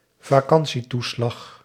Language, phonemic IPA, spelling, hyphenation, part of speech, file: Dutch, /vaːˈkɑn.siˌtu.slɑx/, vakantietoeslag, va‧kan‧tie‧toe‧slag, noun, Nl-vakantietoeslag.ogg
- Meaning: holiday pay, holiday allowance